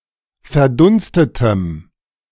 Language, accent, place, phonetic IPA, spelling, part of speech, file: German, Germany, Berlin, [fɛɐ̯ˈdʊnstətəm], verdunstetem, adjective, De-verdunstetem.ogg
- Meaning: strong dative masculine/neuter singular of verdunstet